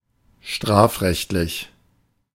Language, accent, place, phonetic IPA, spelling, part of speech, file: German, Germany, Berlin, [ˈʃtʁaːfˌʁɛçtlɪç], strafrechtlich, adjective, De-strafrechtlich.ogg
- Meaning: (adjective) 1. concerning or according to criminal law 2. criminal; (adverb) under criminal law